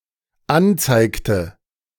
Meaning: inflection of anzeigen: 1. first/third-person singular dependent preterite 2. first/third-person singular dependent subjunctive II
- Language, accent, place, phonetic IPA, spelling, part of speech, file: German, Germany, Berlin, [ˈanˌt͡saɪ̯ktə], anzeigte, verb, De-anzeigte.ogg